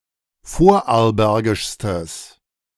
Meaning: strong/mixed nominative/accusative neuter singular superlative degree of vorarlbergisch
- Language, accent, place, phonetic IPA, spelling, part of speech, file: German, Germany, Berlin, [ˈfoːɐ̯ʔaʁlˌbɛʁɡɪʃstəs], vorarlbergischstes, adjective, De-vorarlbergischstes.ogg